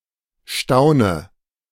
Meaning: inflection of staunen: 1. first-person singular present 2. first/third-person singular subjunctive I 3. singular imperative
- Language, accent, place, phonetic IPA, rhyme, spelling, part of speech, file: German, Germany, Berlin, [ˈʃtaʊ̯nə], -aʊ̯nə, staune, verb, De-staune.ogg